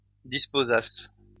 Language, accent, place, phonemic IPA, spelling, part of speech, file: French, France, Lyon, /dis.po.zas/, disposasse, verb, LL-Q150 (fra)-disposasse.wav
- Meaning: first-person singular imperfect subjunctive of disposer